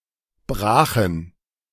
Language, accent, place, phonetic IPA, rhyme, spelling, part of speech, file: German, Germany, Berlin, [ˈbʁaːxn̩], -aːxn̩, brachen, adjective / verb, De-brachen.ogg
- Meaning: first/third-person plural preterite of brechen